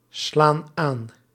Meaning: inflection of aanslaan: 1. plural present indicative 2. plural present subjunctive
- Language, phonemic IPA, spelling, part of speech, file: Dutch, /ˈslan ˈan/, slaan aan, verb, Nl-slaan aan.ogg